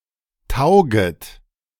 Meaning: second-person plural subjunctive I of taugen
- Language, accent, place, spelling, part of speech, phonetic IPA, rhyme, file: German, Germany, Berlin, tauget, verb, [ˈtaʊ̯ɡət], -aʊ̯ɡət, De-tauget.ogg